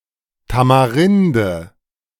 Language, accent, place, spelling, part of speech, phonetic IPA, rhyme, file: German, Germany, Berlin, Tamarinde, noun, [tamaˈʁɪndə], -ɪndə, De-Tamarinde.ogg
- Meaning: tamarind